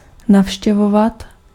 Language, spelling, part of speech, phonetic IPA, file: Czech, navštěvovat, verb, [ˈnafʃcɛvovat], Cs-navštěvovat.ogg
- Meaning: 1. to visit 2. to attend